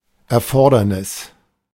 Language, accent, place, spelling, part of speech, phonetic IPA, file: German, Germany, Berlin, Erfordernis, noun, [ʔɛɐ̯ˈfɔɐ̯dɐnɪs], De-Erfordernis.ogg
- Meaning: need, necessity